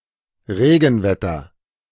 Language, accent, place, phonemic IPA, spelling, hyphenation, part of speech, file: German, Germany, Berlin, /ˈʁeːɡn̩ˌvɛtɐ/, Regenwetter, Re‧gen‧wet‧ter, noun, De-Regenwetter.ogg
- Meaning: rainy weather, showery weather, wet weather